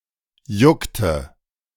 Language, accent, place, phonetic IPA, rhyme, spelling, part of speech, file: German, Germany, Berlin, [ˈjʊktə], -ʊktə, juckte, verb, De-juckte.ogg
- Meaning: inflection of jucken: 1. first/third-person singular preterite 2. first/third-person singular subjunctive II